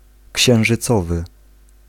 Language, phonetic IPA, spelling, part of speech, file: Polish, [ˌcɕɛ̃w̃ʒɨˈt͡sɔvɨ], księżycowy, adjective, Pl-księżycowy.ogg